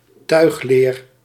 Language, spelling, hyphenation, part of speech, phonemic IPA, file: Dutch, tuigleer, tuig‧leer, noun, /ˈtœy̯x.leːr/, Nl-tuigleer.ogg
- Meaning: saddle leather (strong, specially tanned leather used for tack)